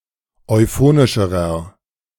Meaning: inflection of euphonisch: 1. strong/mixed nominative masculine singular comparative degree 2. strong genitive/dative feminine singular comparative degree 3. strong genitive plural comparative degree
- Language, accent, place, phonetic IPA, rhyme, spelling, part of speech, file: German, Germany, Berlin, [ɔɪ̯ˈfoːnɪʃəʁɐ], -oːnɪʃəʁɐ, euphonischerer, adjective, De-euphonischerer.ogg